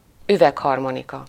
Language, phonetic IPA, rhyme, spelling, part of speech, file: Hungarian, [ˈyvɛkhɒrmonikɒ], -kɒ, üvegharmonika, noun, Hu-üvegharmonika.ogg
- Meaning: glass harmonica